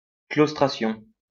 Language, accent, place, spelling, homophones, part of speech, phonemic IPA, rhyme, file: French, France, Lyon, claustration, claustrations, noun, /klos.tʁa.sjɔ̃/, -jɔ̃, LL-Q150 (fra)-claustration.wav
- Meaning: 1. confinement 2. withdrawal